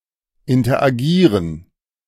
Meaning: to interact
- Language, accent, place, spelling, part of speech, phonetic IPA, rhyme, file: German, Germany, Berlin, interagieren, verb, [ɪntɐʔaˈɡiːʁən], -iːʁən, De-interagieren.ogg